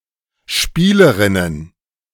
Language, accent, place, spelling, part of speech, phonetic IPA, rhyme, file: German, Germany, Berlin, Spielerinnen, noun, [ˈʃpiːləʁɪnən], -iːləʁɪnən, De-Spielerinnen.ogg
- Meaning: plural of Spielerin